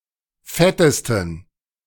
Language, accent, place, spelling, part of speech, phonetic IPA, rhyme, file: German, Germany, Berlin, fettesten, adjective, [ˈfɛtəstn̩], -ɛtəstn̩, De-fettesten.ogg
- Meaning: 1. superlative degree of fett 2. inflection of fett: strong genitive masculine/neuter singular superlative degree